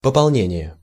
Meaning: 1. replenishment 2. reinforcement, fresh forces, additional staff
- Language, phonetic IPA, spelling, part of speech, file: Russian, [pəpɐɫˈnʲenʲɪje], пополнение, noun, Ru-пополнение.ogg